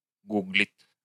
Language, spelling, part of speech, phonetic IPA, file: Russian, гуглит, verb, [ˈɡuɡlʲɪt], Ru-гу́глит.ogg
- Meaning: third-person singular present indicative imperfective of гу́глить (gúglitʹ)